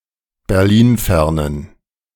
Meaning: inflection of berlinfern: 1. strong genitive masculine/neuter singular 2. weak/mixed genitive/dative all-gender singular 3. strong/weak/mixed accusative masculine singular 4. strong dative plural
- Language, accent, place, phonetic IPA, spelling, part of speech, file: German, Germany, Berlin, [bɛʁˈliːnˌfɛʁnən], berlinfernen, adjective, De-berlinfernen.ogg